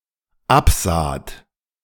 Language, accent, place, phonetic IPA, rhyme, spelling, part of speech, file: German, Germany, Berlin, [ˈapˌzaːt], -apzaːt, absaht, verb, De-absaht.ogg
- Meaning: second-person plural dependent preterite of absehen